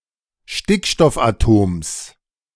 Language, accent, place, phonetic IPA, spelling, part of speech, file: German, Germany, Berlin, [ˈʃtɪkʃtɔfʔaˌtoːms], Stickstoffatoms, noun, De-Stickstoffatoms.ogg
- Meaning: genitive singular of Stickstoffatom